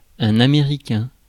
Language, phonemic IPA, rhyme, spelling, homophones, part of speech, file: French, /a.me.ʁi.kɛ̃/, -ɛ̃, Américain, américain / américains / Américains, noun, Fr-Américain.oga
- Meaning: 1. American (someone born in, or a citizen or inhabitant of, the United States of America) 2. Anglo; English speaker not of French descent